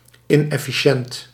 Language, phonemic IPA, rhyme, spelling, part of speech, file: Dutch, /ˌɪn.ɛ.fiˈʃɛnt/, -ɛnt, inefficiënt, adjective, Nl-inefficiënt.ogg
- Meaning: inefficient